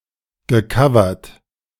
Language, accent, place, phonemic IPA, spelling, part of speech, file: German, Germany, Berlin, /ɡəˈkavɐt/, gecovert, verb, De-gecovert.ogg
- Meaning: past participle of covern